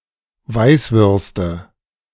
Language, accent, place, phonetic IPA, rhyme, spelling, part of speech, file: German, Germany, Berlin, [ˈvaɪ̯sˌvʏʁstə], -aɪ̯svʏʁstə, Weißwürste, noun, De-Weißwürste.ogg
- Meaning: nominative/accusative/genitive plural of Weißwurst